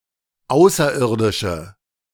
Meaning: 1. female equivalent of Außerirdischer: female space alien, female extraterrestrial 2. inflection of Außerirdischer: strong nominative/accusative plural
- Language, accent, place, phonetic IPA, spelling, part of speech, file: German, Germany, Berlin, [ˈaʊ̯sɐˌʔɪʁdɪʃə], Außerirdische, noun, De-Außerirdische.ogg